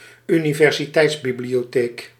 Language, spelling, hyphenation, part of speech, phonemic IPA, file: Dutch, universiteitsbibliotheek, uni‧ver‧si‧teits‧bi‧blio‧theek, noun, /y.ni.vɛr.ziˈtɛi̯ts.bi.bli.oːˌteːk/, Nl-universiteitsbibliotheek.ogg
- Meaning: a university library